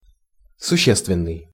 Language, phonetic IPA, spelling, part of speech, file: Russian, [sʊˈɕːestvʲɪn(ː)ɨj], существенный, adjective, Ru-существенный.ogg
- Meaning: 1. essential (of high importance) 2. substantial (large in size, quantity, or value)